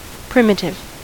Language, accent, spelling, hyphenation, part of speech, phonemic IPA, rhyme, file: English, US, primitive, prim‧i‧tive, noun / adjective, /ˈpɹɪmɪtɪv/, -ɪmɪtɪv, En-us-primitive.ogg
- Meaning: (noun) 1. An original or primary word; a word not derived from another, as opposed to derivative 2. A member of a primitive society